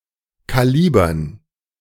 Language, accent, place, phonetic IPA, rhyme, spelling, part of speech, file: German, Germany, Berlin, [ˌkaˈliːbɐn], -iːbɐn, Kalibern, noun, De-Kalibern.ogg
- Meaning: dative plural of Kaliber